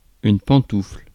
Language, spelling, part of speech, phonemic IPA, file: French, pantoufle, noun, /pɑ̃.tufl/, Fr-pantoufle.ogg
- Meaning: 1. slipper, house slipper (footwear) 2. horseshoe